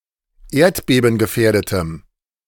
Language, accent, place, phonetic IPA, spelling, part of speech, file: German, Germany, Berlin, [ˈeːɐ̯tbeːbn̩ɡəˌfɛːɐ̯dətəm], erdbebengefährdetem, adjective, De-erdbebengefährdetem.ogg
- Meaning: strong dative masculine/neuter singular of erdbebengefährdet